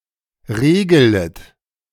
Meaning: second-person plural subjunctive I of regeln
- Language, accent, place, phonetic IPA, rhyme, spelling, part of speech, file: German, Germany, Berlin, [ˈʁeːɡələt], -eːɡələt, regelet, verb, De-regelet.ogg